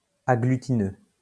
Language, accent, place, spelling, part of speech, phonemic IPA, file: French, France, Lyon, agglutineux, adjective, /a.ɡly.ti.nø/, LL-Q150 (fra)-agglutineux.wav
- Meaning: agglutinous